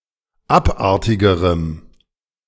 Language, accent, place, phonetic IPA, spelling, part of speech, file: German, Germany, Berlin, [ˈapˌʔaʁtɪɡəʁəm], abartigerem, adjective, De-abartigerem.ogg
- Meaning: strong dative masculine/neuter singular comparative degree of abartig